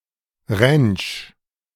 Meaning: ranch
- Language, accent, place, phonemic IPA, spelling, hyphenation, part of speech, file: German, Germany, Berlin, /ʁɛnt͡ʃ/, Ranch, Ranch, noun, De-Ranch.ogg